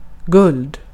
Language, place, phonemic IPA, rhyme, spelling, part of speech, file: Swedish, Gotland, /ɡɵld/, -ɵld, guld, noun, Sv-guld.ogg
- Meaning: 1. gold (metal) 2. gold as a symbol of money, wealth, fortune or luck, often together with silver; see also the archaic-poetic gull